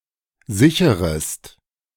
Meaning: second-person singular subjunctive I of sichern
- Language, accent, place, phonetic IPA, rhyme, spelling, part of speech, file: German, Germany, Berlin, [ˈzɪçəʁəst], -ɪçəʁəst, sicherest, verb, De-sicherest.ogg